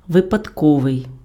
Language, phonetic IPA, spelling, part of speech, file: Ukrainian, [ʋepɐdˈkɔʋei̯], випадковий, adjective, Uk-випадковий.ogg
- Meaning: 1. chance, random 2. accidental 3. fortuitous, adventitious